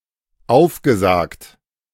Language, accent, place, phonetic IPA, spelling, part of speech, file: German, Germany, Berlin, [ˈaʊ̯fɡəˌzaːkt], aufgesagt, verb, De-aufgesagt.ogg
- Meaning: past participle of aufsagen